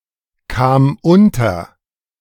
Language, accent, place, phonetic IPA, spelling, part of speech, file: German, Germany, Berlin, [ˌkaːm ˈʊntɐ], kam unter, verb, De-kam unter.ogg
- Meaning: first/third-person singular preterite of unterkommen